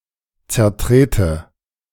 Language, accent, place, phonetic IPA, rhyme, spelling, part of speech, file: German, Germany, Berlin, [t͡sɛɐ̯ˈtʁeːtə], -eːtə, zertrete, verb, De-zertrete.ogg
- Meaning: inflection of zertreten: 1. first-person singular present 2. first/third-person singular subjunctive I